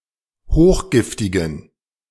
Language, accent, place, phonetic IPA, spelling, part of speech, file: German, Germany, Berlin, [ˈhoːxˌɡɪftɪɡn̩], hochgiftigen, adjective, De-hochgiftigen.ogg
- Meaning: inflection of hochgiftig: 1. strong genitive masculine/neuter singular 2. weak/mixed genitive/dative all-gender singular 3. strong/weak/mixed accusative masculine singular 4. strong dative plural